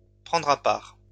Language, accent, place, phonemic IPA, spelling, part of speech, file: French, France, Lyon, /pʁɑ̃.dʁ‿a paʁ/, prendre à part, verb, LL-Q150 (fra)-prendre à part.wav
- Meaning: to take aside